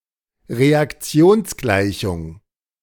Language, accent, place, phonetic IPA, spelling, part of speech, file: German, Germany, Berlin, [ʁeakˈt͡si̯oːnsˌɡlaɪ̯çʊŋ], Reaktionsgleichung, noun, De-Reaktionsgleichung.ogg
- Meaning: chemical equation